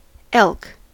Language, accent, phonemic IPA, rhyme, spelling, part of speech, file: English, US, /ɛlk/, -ɛlk, elk, noun, En-us-elk.ogg